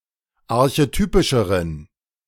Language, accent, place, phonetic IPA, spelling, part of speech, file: German, Germany, Berlin, [aʁçeˈtyːpɪʃəʁən], archetypischeren, adjective, De-archetypischeren.ogg
- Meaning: inflection of archetypisch: 1. strong genitive masculine/neuter singular comparative degree 2. weak/mixed genitive/dative all-gender singular comparative degree